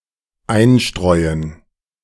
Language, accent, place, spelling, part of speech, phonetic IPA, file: German, Germany, Berlin, einstreuen, verb, [ˈaɪ̯nˌʃtʁɔɪ̯ən], De-einstreuen.ogg
- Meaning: to intersperse